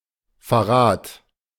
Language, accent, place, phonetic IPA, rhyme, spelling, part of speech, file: German, Germany, Berlin, [faˈʁaːt], -aːt, Farad, noun, De-Farad.ogg
- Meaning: farad